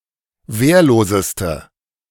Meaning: inflection of wehrlos: 1. strong/mixed nominative/accusative feminine singular superlative degree 2. strong nominative/accusative plural superlative degree
- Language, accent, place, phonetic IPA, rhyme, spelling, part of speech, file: German, Germany, Berlin, [ˈveːɐ̯loːzəstə], -eːɐ̯loːzəstə, wehrloseste, adjective, De-wehrloseste.ogg